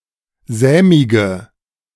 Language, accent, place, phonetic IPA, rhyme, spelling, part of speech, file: German, Germany, Berlin, [ˈzɛːmɪɡə], -ɛːmɪɡə, sämige, adjective, De-sämige.ogg
- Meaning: inflection of sämig: 1. strong/mixed nominative/accusative feminine singular 2. strong nominative/accusative plural 3. weak nominative all-gender singular 4. weak accusative feminine/neuter singular